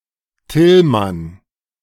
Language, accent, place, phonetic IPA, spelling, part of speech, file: German, Germany, Berlin, [ˈtɪlman], Tillmann, proper noun, De-Tillmann.ogg
- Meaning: 1. a male given name 2. a surname transferred from the given name derived from the given name